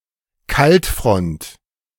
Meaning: cold front
- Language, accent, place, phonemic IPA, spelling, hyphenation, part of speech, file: German, Germany, Berlin, /ˈkaltˌfʁɔnt/, Kaltfront, Kalt‧front, noun, De-Kaltfront.ogg